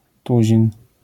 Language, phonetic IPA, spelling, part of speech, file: Polish, [ˈtuʑĩn], tuzin, noun, LL-Q809 (pol)-tuzin.wav